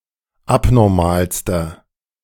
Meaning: inflection of abnormal: 1. strong/mixed nominative masculine singular superlative degree 2. strong genitive/dative feminine singular superlative degree 3. strong genitive plural superlative degree
- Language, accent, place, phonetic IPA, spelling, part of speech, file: German, Germany, Berlin, [ˈapnɔʁmaːlstɐ], abnormalster, adjective, De-abnormalster.ogg